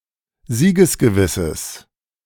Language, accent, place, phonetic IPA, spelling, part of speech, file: German, Germany, Berlin, [ˈziːɡəsɡəˌvɪsəs], siegesgewisses, adjective, De-siegesgewisses.ogg
- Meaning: strong/mixed nominative/accusative neuter singular of siegesgewiss